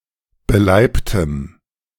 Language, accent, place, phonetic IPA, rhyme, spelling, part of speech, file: German, Germany, Berlin, [bəˈlaɪ̯ptəm], -aɪ̯ptəm, beleibtem, adjective, De-beleibtem.ogg
- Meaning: strong dative masculine/neuter singular of beleibt